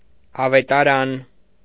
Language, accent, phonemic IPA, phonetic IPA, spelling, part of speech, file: Armenian, Eastern Armenian, /ɑvetɑˈɾɑn/, [ɑvetɑɾɑ́n], ավետարան, noun, Hy-ավետարան.ogg
- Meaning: gospel